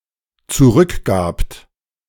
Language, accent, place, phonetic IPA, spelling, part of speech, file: German, Germany, Berlin, [t͡suˈʁʏkˌɡaːpt], zurückgabt, verb, De-zurückgabt.ogg
- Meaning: second-person plural dependent preterite of zurückgeben